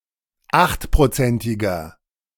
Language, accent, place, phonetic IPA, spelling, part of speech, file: German, Germany, Berlin, [ˈaxtpʁoˌt͡sɛntɪɡɐ], achtprozentiger, adjective, De-achtprozentiger.ogg
- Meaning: inflection of achtprozentig: 1. strong/mixed nominative masculine singular 2. strong genitive/dative feminine singular 3. strong genitive plural